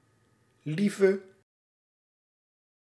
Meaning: inflection of lief: 1. masculine/feminine singular attributive 2. definite neuter singular attributive 3. plural attributive
- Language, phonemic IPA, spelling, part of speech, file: Dutch, /ˈlivə/, lieve, adjective, Nl-lieve.ogg